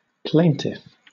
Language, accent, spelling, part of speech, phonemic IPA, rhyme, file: English, Southern England, plaintiff, noun, /ˈpleɪntɪf/, -eɪntɪf, LL-Q1860 (eng)-plaintiff.wav
- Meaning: A party bringing a suit in civil law against a defendant; accuser